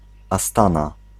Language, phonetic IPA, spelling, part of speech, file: Polish, [aˈstãna], Astana, proper noun, Pl-Astana.ogg